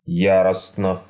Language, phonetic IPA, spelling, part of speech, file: Russian, [ˈjarəsnə], яростно, adverb / adjective, Ru-яростно.ogg
- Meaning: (adverb) 1. furiously 2. violently; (adjective) short neuter singular of я́ростный (járostnyj)